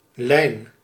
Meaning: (noun) 1. a line 2. any line or curve 3. a rope, a cable 4. a route, a line (of transport, especially of public transport and airlines) 5. a leash for restraining animals 6. a file 7. a diet
- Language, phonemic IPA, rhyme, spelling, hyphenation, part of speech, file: Dutch, /lɛi̯n/, -ɛi̯n, lijn, lijn, noun / verb, Nl-lijn.ogg